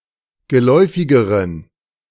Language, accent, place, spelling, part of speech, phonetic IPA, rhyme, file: German, Germany, Berlin, geläufigeren, adjective, [ɡəˈlɔɪ̯fɪɡəʁən], -ɔɪ̯fɪɡəʁən, De-geläufigeren.ogg
- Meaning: inflection of geläufig: 1. strong genitive masculine/neuter singular comparative degree 2. weak/mixed genitive/dative all-gender singular comparative degree